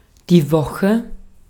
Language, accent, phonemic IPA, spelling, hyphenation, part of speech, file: German, Austria, /ˈvɔxə/, Woche, Wo‧che, noun, De-at-Woche.ogg
- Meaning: 1. week (period of seven days counting from Monday to Sunday, or from Sunday to Saturday) 2. week (any period of seven consecutive days)